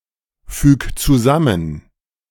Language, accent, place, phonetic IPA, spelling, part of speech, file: German, Germany, Berlin, [ˌfyːk t͡suˈzamən], füg zusammen, verb, De-füg zusammen.ogg
- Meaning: 1. singular imperative of zusammenfügen 2. first-person singular present of zusammenfügen